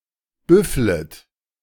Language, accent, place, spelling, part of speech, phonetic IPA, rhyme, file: German, Germany, Berlin, büfflet, verb, [ˈbʏflət], -ʏflət, De-büfflet.ogg
- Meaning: second-person plural subjunctive I of büffeln